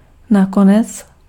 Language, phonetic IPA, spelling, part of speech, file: Czech, [ˈnakonɛt͡s], nakonec, adverb, Cs-nakonec.ogg
- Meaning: in the end